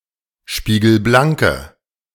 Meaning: inflection of spiegelblank: 1. strong/mixed nominative/accusative feminine singular 2. strong nominative/accusative plural 3. weak nominative all-gender singular
- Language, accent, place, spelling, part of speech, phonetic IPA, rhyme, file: German, Germany, Berlin, spiegelblanke, adjective, [ˌʃpiːɡl̩ˈblaŋkə], -aŋkə, De-spiegelblanke.ogg